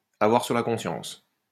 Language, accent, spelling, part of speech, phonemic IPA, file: French, France, avoir sur la conscience, verb, /a.vwaʁ syʁ la kɔ̃.sjɑ̃s/, LL-Q150 (fra)-avoir sur la conscience.wav
- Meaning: to have on one's conscience